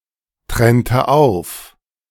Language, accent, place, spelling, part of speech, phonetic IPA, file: German, Germany, Berlin, trennte auf, verb, [ˌtʁɛntə ˈaʊ̯f], De-trennte auf.ogg
- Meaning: inflection of auftrennen: 1. first/third-person singular preterite 2. first/third-person singular subjunctive II